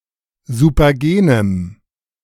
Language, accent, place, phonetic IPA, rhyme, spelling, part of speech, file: German, Germany, Berlin, [zupɐˈɡeːnəm], -eːnəm, supergenem, adjective, De-supergenem.ogg
- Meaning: strong dative masculine/neuter singular of supergen